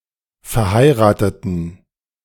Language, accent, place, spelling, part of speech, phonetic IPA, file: German, Germany, Berlin, verheirateten, adjective / verb, [fɛɐ̯ˈhaɪ̯ʁaːtətn̩], De-verheirateten.ogg
- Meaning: inflection of verheiraten: 1. first/third-person plural preterite 2. first/third-person plural subjunctive II